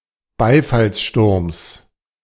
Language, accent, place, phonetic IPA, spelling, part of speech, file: German, Germany, Berlin, [ˈbaɪ̯falsˌʃtʊʁms], Beifallssturms, noun, De-Beifallssturms.ogg
- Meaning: genitive singular of Beifallssturm